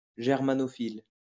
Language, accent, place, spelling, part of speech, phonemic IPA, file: French, France, Lyon, germanophile, adjective / noun, /ʒɛʁ.ma.nɔ.fil/, LL-Q150 (fra)-germanophile.wav
- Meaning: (adjective) Germanophile